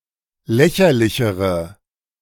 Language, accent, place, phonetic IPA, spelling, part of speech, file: German, Germany, Berlin, [ˈlɛçɐlɪçəʁə], lächerlichere, adjective, De-lächerlichere.ogg
- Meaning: inflection of lächerlich: 1. strong/mixed nominative/accusative feminine singular comparative degree 2. strong nominative/accusative plural comparative degree